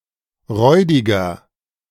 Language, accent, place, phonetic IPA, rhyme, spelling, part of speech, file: German, Germany, Berlin, [ˈʁɔɪ̯dɪɡɐ], -ɔɪ̯dɪɡɐ, räudiger, adjective, De-räudiger.ogg
- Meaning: 1. comparative degree of räudig 2. inflection of räudig: strong/mixed nominative masculine singular 3. inflection of räudig: strong genitive/dative feminine singular